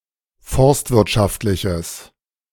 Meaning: strong/mixed nominative/accusative neuter singular of forstwirtschaftlich
- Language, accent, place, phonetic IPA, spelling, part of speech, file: German, Germany, Berlin, [ˈfɔʁstvɪʁtˌʃaftlɪçəs], forstwirtschaftliches, adjective, De-forstwirtschaftliches.ogg